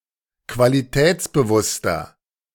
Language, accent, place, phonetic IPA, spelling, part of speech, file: German, Germany, Berlin, [kvaliˈtɛːt͡sbəˌvʊstɐ], qualitätsbewusster, adjective, De-qualitätsbewusster.ogg
- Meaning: inflection of qualitätsbewusst: 1. strong/mixed nominative masculine singular 2. strong genitive/dative feminine singular 3. strong genitive plural